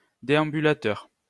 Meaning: Zimmer frame, walking frame, walker
- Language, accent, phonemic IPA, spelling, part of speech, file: French, France, /de.ɑ̃.by.la.tœʁ/, déambulateur, noun, LL-Q150 (fra)-déambulateur.wav